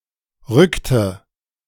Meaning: inflection of rücken: 1. first/third-person singular preterite 2. first/third-person singular subjunctive II
- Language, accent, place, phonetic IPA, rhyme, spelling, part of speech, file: German, Germany, Berlin, [ˈʁʏktə], -ʏktə, rückte, verb, De-rückte.ogg